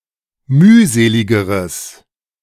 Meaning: strong/mixed nominative/accusative neuter singular comparative degree of mühselig
- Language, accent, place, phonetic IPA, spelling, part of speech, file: German, Germany, Berlin, [ˈmyːˌzeːlɪɡəʁəs], mühseligeres, adjective, De-mühseligeres.ogg